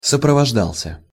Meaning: masculine singular past indicative imperfective of сопровожда́ться (soprovoždátʹsja)
- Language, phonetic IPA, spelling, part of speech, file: Russian, [səprəvɐʐˈdaɫs⁽ʲ⁾ə], сопровождался, verb, Ru-сопровождался.ogg